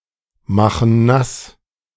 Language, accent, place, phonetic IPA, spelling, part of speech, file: German, Germany, Berlin, [ˌmaxn̩ ˈnas], machen nass, verb, De-machen nass.ogg
- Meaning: inflection of nassmachen: 1. first/third-person plural present 2. first/third-person plural subjunctive I